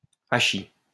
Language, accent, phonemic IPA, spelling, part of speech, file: French, France, /a.ʃi/, hachis, noun, LL-Q150 (fra)-hachis.wav
- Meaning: hash